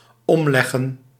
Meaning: to snuff, to off
- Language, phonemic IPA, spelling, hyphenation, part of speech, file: Dutch, /ˈɔmˌlɛ.ɣə(n)/, omleggen, om‧leg‧gen, verb, Nl-omleggen.ogg